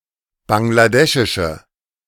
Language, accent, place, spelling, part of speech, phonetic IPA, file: German, Germany, Berlin, bangladeschische, adjective, [ˌbaŋlaˈdɛʃɪʃə], De-bangladeschische.ogg
- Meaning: inflection of bangladeschisch: 1. strong/mixed nominative/accusative feminine singular 2. strong nominative/accusative plural 3. weak nominative all-gender singular